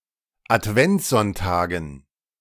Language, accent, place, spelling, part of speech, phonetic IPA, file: German, Germany, Berlin, Adventssonntagen, noun, [atˈvɛnt͡sˌzɔntaːɡn̩], De-Adventssonntagen.ogg
- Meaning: dative plural of Adventssonntag